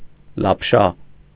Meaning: noodle
- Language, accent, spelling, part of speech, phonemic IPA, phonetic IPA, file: Armenian, Eastern Armenian, լապշա, noun, /lɑpˈʃɑ/, [lɑpʃɑ́], Hy-լապշա.ogg